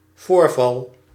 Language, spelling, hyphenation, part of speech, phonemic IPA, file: Dutch, voorval, voor‧val, noun, /ˈvoːr.vɑl/, Nl-voorval.ogg
- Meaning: incident, event